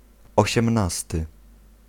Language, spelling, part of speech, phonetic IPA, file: Polish, osiemnasty, adjective / noun, [ˌɔɕɛ̃mˈnastɨ], Pl-osiemnasty.ogg